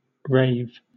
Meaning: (noun) 1. An enthusiastic review (such as of a play) 2. A large-scale dance party with strobe lights and fast-paced electronic dance music, often illegally organized open-air or in underground venues
- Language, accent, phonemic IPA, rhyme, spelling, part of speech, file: English, Southern England, /ɹeɪv/, -eɪv, rave, noun / verb, LL-Q1860 (eng)-rave.wav